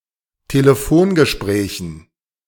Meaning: dative plural of Telefongespräch
- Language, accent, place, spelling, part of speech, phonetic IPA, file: German, Germany, Berlin, Telefongesprächen, noun, [teləˈfoːnɡəˌʃpʁɛːçn̩], De-Telefongesprächen.ogg